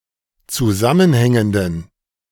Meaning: inflection of zusammenhängend: 1. strong genitive masculine/neuter singular 2. weak/mixed genitive/dative all-gender singular 3. strong/weak/mixed accusative masculine singular 4. strong dative plural
- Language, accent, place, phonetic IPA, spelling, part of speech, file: German, Germany, Berlin, [t͡suˈzamənˌhɛŋəndn̩], zusammenhängenden, adjective, De-zusammenhängenden.ogg